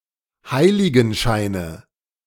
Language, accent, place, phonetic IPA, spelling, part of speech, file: German, Germany, Berlin, [ˈhaɪ̯lɪɡn̩ˌʃaɪ̯nə], Heiligenscheine, noun, De-Heiligenscheine.ogg
- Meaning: nominative/accusative/genitive plural of Heiligenschein